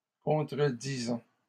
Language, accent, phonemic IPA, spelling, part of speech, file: French, Canada, /kɔ̃.tʁə.di.zɑ̃/, contredisant, verb, LL-Q150 (fra)-contredisant.wav
- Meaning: present participle of contredire